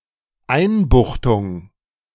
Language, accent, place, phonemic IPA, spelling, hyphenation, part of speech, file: German, Germany, Berlin, /ˈaɪ̯nˌbʊxtʊŋ/, Einbuchtung, Ein‧buch‧tung, noun, De-Einbuchtung.ogg
- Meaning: 1. indentation, bay 2. incarceration